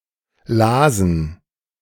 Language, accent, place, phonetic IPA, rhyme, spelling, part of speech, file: German, Germany, Berlin, [ˈlaːzn̩], -aːzn̩, lasen, verb, De-lasen.ogg
- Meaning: first/third-person plural preterite of lesen